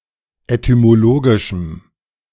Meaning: strong dative masculine/neuter singular of etymologisch
- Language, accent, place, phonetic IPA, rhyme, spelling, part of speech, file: German, Germany, Berlin, [etymoˈloːɡɪʃm̩], -oːɡɪʃm̩, etymologischem, adjective, De-etymologischem.ogg